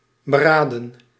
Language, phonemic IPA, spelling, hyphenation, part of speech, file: Dutch, /bəˈraːdə(n)/, beraden, be‧ra‧den, verb / adjective / noun, Nl-beraden.ogg
- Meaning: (verb) to consider, to think, to wonder; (adjective) thoughtful; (verb) past participle of beraden; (noun) plural of beraad